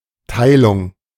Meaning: 1. sharing, splitting, division 2. division
- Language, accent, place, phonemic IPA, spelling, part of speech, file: German, Germany, Berlin, /ˈtaɪ̯lʊŋ/, Teilung, noun, De-Teilung.ogg